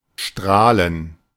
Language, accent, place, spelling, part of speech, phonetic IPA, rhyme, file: German, Germany, Berlin, Strahlen, noun, [ˈʃtʁaːlən], -aːlən, De-Strahlen.ogg
- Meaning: plural of Strahl